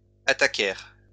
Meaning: third-person plural past historic of attaquer
- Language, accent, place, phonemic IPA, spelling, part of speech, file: French, France, Lyon, /a.ta.kɛʁ/, attaquèrent, verb, LL-Q150 (fra)-attaquèrent.wav